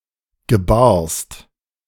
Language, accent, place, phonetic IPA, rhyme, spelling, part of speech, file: German, Germany, Berlin, [ɡəˈbaːɐ̯st], -aːɐ̯st, gebarst, verb, De-gebarst.ogg
- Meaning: second-person singular preterite of gebären